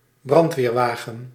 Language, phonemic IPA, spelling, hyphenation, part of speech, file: Dutch, /ˈbrɑnt.ʋeːrˌʋaː.ɣə(n)/, brandweerwagen, brand‧weer‧wa‧gen, noun, Nl-brandweerwagen.ogg
- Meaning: fire engine, fire truck